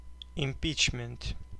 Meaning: impeachment (the act of impeaching a public official)
- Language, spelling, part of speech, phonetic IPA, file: Russian, импичмент, noun, [ɪm⁽ʲ⁾ˈpʲit͡ɕmʲɪnt], Ru-импичмент.ogg